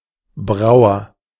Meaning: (noun) brewer (male or of unspecified gender); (proper noun) a surname
- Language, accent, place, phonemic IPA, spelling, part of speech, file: German, Germany, Berlin, /ˈbʁaʊ̯ɐ/, Brauer, noun / proper noun, De-Brauer.ogg